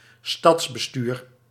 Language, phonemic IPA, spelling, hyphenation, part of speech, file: Dutch, /ˈstɑts.bəˌstyːr/, stadsbestuur, stads‧be‧stuur, noun, Nl-stadsbestuur.ogg
- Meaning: city administration